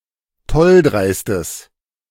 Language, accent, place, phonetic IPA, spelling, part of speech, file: German, Germany, Berlin, [ˈtɔlˌdʁaɪ̯stəs], tolldreistes, adjective, De-tolldreistes.ogg
- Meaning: strong/mixed nominative/accusative neuter singular of tolldreist